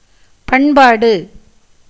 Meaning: culture
- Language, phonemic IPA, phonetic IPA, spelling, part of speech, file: Tamil, /pɐɳbɑːɖɯ/, [pɐɳbäːɖɯ], பண்பாடு, noun, Ta-பண்பாடு.ogg